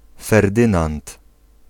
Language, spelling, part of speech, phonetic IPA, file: Polish, Ferdynand, proper noun, [fɛrˈdɨ̃nãnt], Pl-Ferdynand.ogg